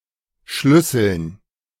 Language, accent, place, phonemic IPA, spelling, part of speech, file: German, Germany, Berlin, /ˈʃlʏsl̩n/, Schlüsseln, noun, De-Schlüsseln.ogg
- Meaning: dative plural of Schlüssel